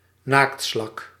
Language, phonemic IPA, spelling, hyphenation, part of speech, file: Dutch, /ˈnaːk(t).slɑk/, naaktslak, naakt‧slak, noun, Nl-naaktslak.ogg
- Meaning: slug (mollusc)